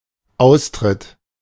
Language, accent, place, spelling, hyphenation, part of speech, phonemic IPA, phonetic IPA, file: German, Germany, Berlin, Austritt, Aus‧tritt, noun, /ˈaʊ̯sˌtʁɪt/, [ˈʔaʊ̯sˌtʁɪt], De-Austritt.ogg
- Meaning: leaving